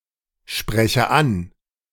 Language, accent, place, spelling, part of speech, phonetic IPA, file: German, Germany, Berlin, spreche an, verb, [ˌʃpʁɛçə ˈan], De-spreche an.ogg
- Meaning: inflection of ansprechen: 1. first-person singular present 2. first/third-person singular subjunctive I